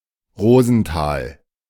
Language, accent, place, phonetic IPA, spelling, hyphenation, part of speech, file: German, Germany, Berlin, [ˈʁoːzn̩ˌtaːl], Rosenthal, Ro‧sen‧thal, proper noun, De-Rosenthal.ogg
- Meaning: 1. a town in Waldeck-Frankenberg district, Hesse, Germany 2. a municipality of Saale-Orla-Kreis district, Thuringia, Germany 3. a surname